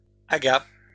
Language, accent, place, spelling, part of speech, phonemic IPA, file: French, France, Lyon, agha, noun, /a.ɡa/, LL-Q150 (fra)-agha.wav
- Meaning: agha